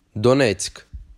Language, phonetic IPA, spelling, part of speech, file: Ukrainian, [dɔˈnɛt͡sʲk], Донецьк, proper noun, Uk-Донецьк.ogg
- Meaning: Donetsk (a city in Donetsk Oblast, Ukraine)